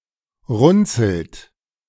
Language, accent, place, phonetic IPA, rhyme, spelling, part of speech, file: German, Germany, Berlin, [ˈʁʊnt͡sl̩t], -ʊnt͡sl̩t, runzelt, verb, De-runzelt.ogg
- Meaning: inflection of runzeln: 1. second-person plural present 2. third-person singular present 3. plural imperative